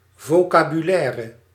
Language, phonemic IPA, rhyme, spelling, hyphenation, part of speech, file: Dutch, /ˌvoː.kaː.byˈlɛːr/, -ɛːr, vocabulaire, vo‧ca‧bu‧lai‧re, noun, Nl-vocabulaire.ogg
- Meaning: 1. vocabulary 2. vocabulary list, word list